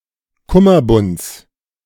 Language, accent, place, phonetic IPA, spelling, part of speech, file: German, Germany, Berlin, [ˈkʊmɐˌbʊnt͡s], Kummerbunds, noun, De-Kummerbunds.ogg
- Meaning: genitive singular of Kummerbund